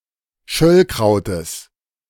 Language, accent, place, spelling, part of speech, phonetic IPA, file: German, Germany, Berlin, Schöllkrautes, noun, [ˈʃœlkʁaʊ̯təs], De-Schöllkrautes.ogg
- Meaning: genitive of Schöllkraut